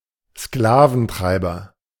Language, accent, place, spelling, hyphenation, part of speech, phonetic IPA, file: German, Germany, Berlin, Sklaventreiber, Skla‧ven‧trei‧ber, noun, [ˈsklaːvn̩ˌtʁaɪ̯bɐ], De-Sklaventreiber.ogg
- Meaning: slave driver